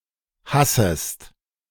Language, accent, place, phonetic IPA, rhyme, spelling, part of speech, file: German, Germany, Berlin, [ˈhasəst], -asəst, hassest, verb, De-hassest.ogg
- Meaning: 1. second-person singular subjunctive I of hassen 2. second-person singular present of hassen